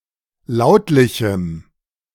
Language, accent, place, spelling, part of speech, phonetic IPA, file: German, Germany, Berlin, lautlichem, adjective, [ˈlaʊ̯tlɪçm̩], De-lautlichem.ogg
- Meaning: strong dative masculine/neuter singular of lautlich